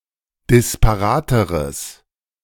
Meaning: strong/mixed nominative/accusative neuter singular comparative degree of disparat
- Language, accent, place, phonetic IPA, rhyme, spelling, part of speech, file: German, Germany, Berlin, [dɪspaˈʁaːtəʁəs], -aːtəʁəs, disparateres, adjective, De-disparateres.ogg